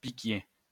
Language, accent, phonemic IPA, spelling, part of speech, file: French, France, /pi.kje/, piquier, noun, LL-Q150 (fra)-piquier.wav
- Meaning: pikeman